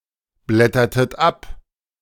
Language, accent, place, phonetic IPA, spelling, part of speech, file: German, Germany, Berlin, [ˌblɛtɐtət ˈap], blättertet ab, verb, De-blättertet ab.ogg
- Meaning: inflection of abblättern: 1. second-person plural preterite 2. second-person plural subjunctive II